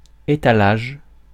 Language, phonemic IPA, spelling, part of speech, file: French, /e.ta.laʒ/, étalage, noun, Fr-étalage.ogg
- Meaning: 1. display 2. window display, window dressing